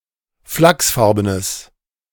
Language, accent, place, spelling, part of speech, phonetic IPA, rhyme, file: German, Germany, Berlin, flachsfarbenes, adjective, [ˈflaksˌfaʁbənəs], -aksfaʁbənəs, De-flachsfarbenes.ogg
- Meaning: strong/mixed nominative/accusative neuter singular of flachsfarben